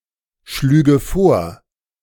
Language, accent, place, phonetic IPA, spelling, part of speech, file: German, Germany, Berlin, [ˌʃlyːɡə ˈfoːɐ̯], schlüge vor, verb, De-schlüge vor.ogg
- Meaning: first/third-person singular subjunctive II of vorschlagen